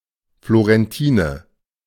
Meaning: a female given name from Latin
- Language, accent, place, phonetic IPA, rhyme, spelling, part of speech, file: German, Germany, Berlin, [floʁɛnˈtiːnə], -iːnə, Florentine, proper noun, De-Florentine.ogg